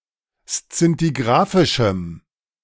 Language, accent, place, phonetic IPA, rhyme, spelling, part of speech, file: German, Germany, Berlin, [st͡sɪntiˈɡʁaːfɪʃm̩], -aːfɪʃm̩, szintigrafischem, adjective, De-szintigrafischem.ogg
- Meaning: strong dative masculine/neuter singular of szintigrafisch